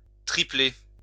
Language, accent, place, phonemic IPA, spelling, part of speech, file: French, France, Lyon, /tʁi.ple/, tripler, verb, LL-Q150 (fra)-tripler.wav
- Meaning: to triple